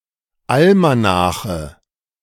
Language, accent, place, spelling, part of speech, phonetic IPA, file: German, Germany, Berlin, Almanache, noun, [ˈalmaˌnaxə], De-Almanache.ogg
- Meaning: nominative/accusative/genitive plural of Almanach